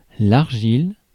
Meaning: clay
- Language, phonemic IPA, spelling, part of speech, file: French, /aʁ.ʒil/, argile, noun, Fr-argile.ogg